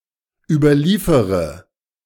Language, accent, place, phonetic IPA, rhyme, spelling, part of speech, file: German, Germany, Berlin, [ˌyːbɐˈliːfəʁə], -iːfəʁə, überliefere, verb, De-überliefere.ogg
- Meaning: inflection of überliefern: 1. first-person singular present 2. first-person plural subjunctive I 3. third-person singular subjunctive I 4. singular imperative